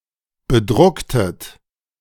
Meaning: inflection of bedrucken: 1. second-person plural preterite 2. second-person plural subjunctive II
- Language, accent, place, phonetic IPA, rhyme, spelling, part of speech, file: German, Germany, Berlin, [bəˈdʁʊktət], -ʊktət, bedrucktet, verb, De-bedrucktet.ogg